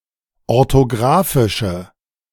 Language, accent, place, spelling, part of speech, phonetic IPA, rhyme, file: German, Germany, Berlin, orthografische, adjective, [ɔʁtoˈɡʁaːfɪʃə], -aːfɪʃə, De-orthografische.ogg
- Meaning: inflection of orthografisch: 1. strong/mixed nominative/accusative feminine singular 2. strong nominative/accusative plural 3. weak nominative all-gender singular